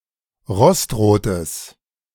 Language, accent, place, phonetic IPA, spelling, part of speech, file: German, Germany, Berlin, [ˈʁɔstˌʁoːtəs], rostrotes, adjective, De-rostrotes.ogg
- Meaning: strong/mixed nominative/accusative neuter singular of rostrot